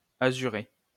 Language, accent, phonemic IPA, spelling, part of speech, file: French, France, /a.zy.ʁe/, azurer, verb, LL-Q150 (fra)-azurer.wav
- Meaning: to blue (brighten laundry)